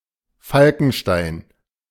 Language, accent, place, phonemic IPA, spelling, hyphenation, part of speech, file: German, Germany, Berlin, /ˈfalkn̩ˌʃtaɪ̯n/, Falkenstein, Fal‧ken‧stein, proper noun, De-Falkenstein.ogg
- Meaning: 1. a municipality of Lower Austria, Austria 2. a town in Rhineland-Palatinate, Germany 3. a town in Vogtlandkreis district, Saxony, Germany 4. a town in Harz district, Saxony-Anhalt, Germany